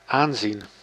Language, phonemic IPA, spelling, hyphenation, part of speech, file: Dutch, /ˈaːn.zin/, aanzien, aan‧zien, verb / noun, Nl-aanzien.ogg
- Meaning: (verb) 1. to watch, to view 2. to view as, to take for, to mistake for, to regard as; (noun) 1. regard, prestige 2. appearance